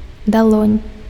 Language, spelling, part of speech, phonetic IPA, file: Belarusian, далонь, noun, [daˈɫonʲ], Be-далонь.ogg
- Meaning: palm (the inner and somewhat concave part of the human hand that extends from the wrist to the bases of the fingers)